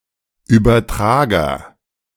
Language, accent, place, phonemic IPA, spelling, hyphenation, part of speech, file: German, Germany, Berlin, /ˌyːbɐˈtʁaːɡɐ/, Übertrager, Über‧tra‧ger, noun, De-Übertrager.ogg
- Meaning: agent noun of übertragen: 1. transformer 2. transducer 3. exchanger